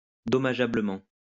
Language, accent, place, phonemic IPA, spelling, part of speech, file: French, France, Lyon, /dɔ.ma.ʒa.blə.mɑ̃/, dommageablement, adverb, LL-Q150 (fra)-dommageablement.wav
- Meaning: harmfully